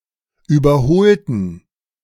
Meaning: inflection of überholen: 1. first/third-person plural preterite 2. first/third-person plural subjunctive II
- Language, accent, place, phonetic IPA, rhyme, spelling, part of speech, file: German, Germany, Berlin, [ˌyːbɐˈhoːltn̩], -oːltn̩, überholten, adjective / verb, De-überholten.ogg